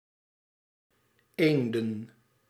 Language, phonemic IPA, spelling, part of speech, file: Dutch, /ˈendə(n)/, eenden, noun, Nl-eenden.ogg
- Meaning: plural of eend